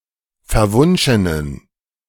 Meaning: inflection of verwunschen: 1. strong genitive masculine/neuter singular 2. weak/mixed genitive/dative all-gender singular 3. strong/weak/mixed accusative masculine singular 4. strong dative plural
- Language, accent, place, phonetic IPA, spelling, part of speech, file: German, Germany, Berlin, [fɛɐ̯ˈvʊnʃənən], verwunschenen, adjective, De-verwunschenen.ogg